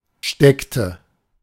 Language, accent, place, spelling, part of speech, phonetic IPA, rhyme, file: German, Germany, Berlin, steckte, verb, [ˈʃtɛktə], -ɛktə, De-steckte.ogg
- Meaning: inflection of stecken: 1. first/third-person singular preterite 2. first/third-person singular subjunctive II